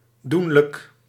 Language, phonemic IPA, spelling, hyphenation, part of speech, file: Dutch, /ˈdun.lək/, doenlijk, doen‧lijk, adjective, Nl-doenlijk.ogg
- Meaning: doable, achievable, possible